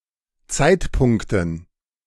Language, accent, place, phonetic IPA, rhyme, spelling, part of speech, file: German, Germany, Berlin, [ˈt͡saɪ̯tˌpʊŋktn̩], -aɪ̯tpʊŋktn̩, Zeitpunkten, noun, De-Zeitpunkten.ogg
- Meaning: dative plural of Zeitpunkt